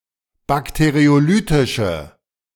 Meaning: inflection of bakteriolytisch: 1. strong/mixed nominative/accusative feminine singular 2. strong nominative/accusative plural 3. weak nominative all-gender singular
- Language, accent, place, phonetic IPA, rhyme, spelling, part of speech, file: German, Germany, Berlin, [ˌbakteʁioˈlyːtɪʃə], -yːtɪʃə, bakteriolytische, adjective, De-bakteriolytische.ogg